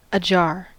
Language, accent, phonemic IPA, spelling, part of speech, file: English, US, /əˈd͡ʒɑɹ/, ajar, adverb / adjective / verb, En-us-ajar.ogg
- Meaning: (adverb) Slightly turned or opened; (verb) To turn or open slightly; to become ajar or to cause to become ajar; to be or to hang ajar; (adverb) Out of harmony